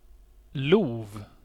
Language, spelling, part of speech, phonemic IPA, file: Swedish, lov, noun, /luːv/, Sv-lov.ogg
- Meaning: a turn, a round